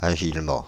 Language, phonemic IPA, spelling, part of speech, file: French, /a.ʒil.mɑ̃/, agilement, adverb, Fr-agilement.ogg
- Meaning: agilely, nimbly